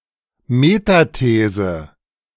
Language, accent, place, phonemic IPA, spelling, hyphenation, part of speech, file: German, Germany, Berlin, /metaˈteːzə/, Metathese, Me‧ta‧the‧se, noun, De-Metathese.ogg
- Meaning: metathesis